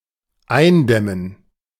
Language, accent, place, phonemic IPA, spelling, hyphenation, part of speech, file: German, Germany, Berlin, /ˈaɪ̯nˌdɛmən/, eindämmen, ein‧däm‧men, verb, De-eindämmen.ogg
- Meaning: 1. to contain 2. to stem